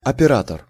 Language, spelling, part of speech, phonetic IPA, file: Russian, оператор, noun, [ɐpʲɪˈratər], Ru-оператор.ogg
- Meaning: 1. operator, operative 2. machine-man, mechanic 3. cameraman 4. surgeon 5. functional, operator